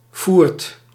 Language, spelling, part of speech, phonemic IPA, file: Dutch, foert, interjection, /furt/, Nl-foert.ogg
- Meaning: get all lost/fucked; I've had it